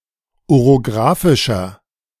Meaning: inflection of orographisch: 1. strong/mixed nominative masculine singular 2. strong genitive/dative feminine singular 3. strong genitive plural
- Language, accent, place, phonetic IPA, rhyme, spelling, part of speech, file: German, Germany, Berlin, [oʁoˈɡʁaːfɪʃɐ], -aːfɪʃɐ, orographischer, adjective, De-orographischer.ogg